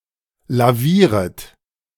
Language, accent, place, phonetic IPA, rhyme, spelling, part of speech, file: German, Germany, Berlin, [laˈviːʁət], -iːʁət, lavieret, verb, De-lavieret.ogg
- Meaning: second-person plural subjunctive I of lavieren